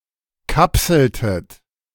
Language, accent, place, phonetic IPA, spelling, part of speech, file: German, Germany, Berlin, [ˈkapsl̩tət], kapseltet, verb, De-kapseltet.ogg
- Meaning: inflection of kapseln: 1. second-person plural preterite 2. second-person plural subjunctive II